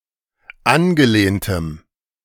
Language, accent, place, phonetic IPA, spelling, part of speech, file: German, Germany, Berlin, [ˈanɡəˌleːntəm], angelehntem, adjective, De-angelehntem.ogg
- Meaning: strong dative masculine/neuter singular of angelehnt